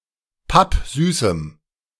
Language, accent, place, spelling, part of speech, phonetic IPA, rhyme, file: German, Germany, Berlin, pappsüßem, adjective, [ˈpapˈzyːsm̩], -yːsm̩, De-pappsüßem.ogg
- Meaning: strong dative masculine/neuter singular of pappsüß